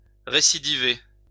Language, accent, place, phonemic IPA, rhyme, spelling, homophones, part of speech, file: French, France, Lyon, /ʁe.si.di.ve/, -e, récidiver, récidivé / récidivée / récidivés, verb, LL-Q150 (fra)-récidiver.wav
- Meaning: 1. to reoffend, to recidivate 2. to relapse, to recur